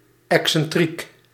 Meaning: eccentric
- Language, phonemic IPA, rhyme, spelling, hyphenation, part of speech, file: Dutch, /ˌɛk.sɛnˈtrik/, -ik, excentriek, ex‧cen‧triek, adjective, Nl-excentriek.ogg